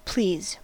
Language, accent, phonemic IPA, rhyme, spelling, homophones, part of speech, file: English, US, /pliz/, -iːz, please, pleas, verb / adverb / interjection, En-us-please.ogg
- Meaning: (verb) 1. To make happy or satisfy; to give pleasure to 2. To desire; to will; to be pleased by; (adverb) Used to make a polite request; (interjection) Used as an affirmative to an offer